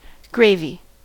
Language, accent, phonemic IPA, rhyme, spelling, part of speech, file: English, US, /ˈɡɹeɪvi/, -eɪvi, gravy, noun / verb, En-us-gravy.ogg
- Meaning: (noun) A thick sauce made from the fat or juices that come out from meat or vegetables as they are being cooked.: A dark savoury sauce prepared from stock and usually meat juices; brown gravy